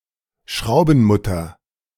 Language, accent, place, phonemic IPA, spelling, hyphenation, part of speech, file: German, Germany, Berlin, /ˈʃʁaʊ̯bn̩ˌmʊtɐ/, Schraubenmutter, Schrau‧ben‧mut‧ter, noun, De-Schraubenmutter.ogg
- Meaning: nut (fastener)